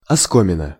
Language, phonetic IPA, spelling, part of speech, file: Russian, [ɐˈskomʲɪnə], оскомина, noun, Ru-оскомина.ogg
- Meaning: drawing/soreness of the mouth